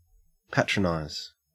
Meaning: 1. To act as a patron of; to defend, protect, or support 2. To be a customer of (an establishment), especially a regular customer 3. To treat condescendingly; to talk down to 4. To blame, to reproach
- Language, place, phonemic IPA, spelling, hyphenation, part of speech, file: English, Queensland, /ˈpætɹəˌnaɪz/, patronize, pa‧tron‧ize, verb, En-au-patronize.ogg